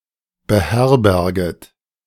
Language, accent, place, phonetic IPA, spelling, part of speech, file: German, Germany, Berlin, [bəˈhɛʁbɛʁɡət], beherberget, verb, De-beherberget.ogg
- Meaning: second-person plural subjunctive I of beherbergen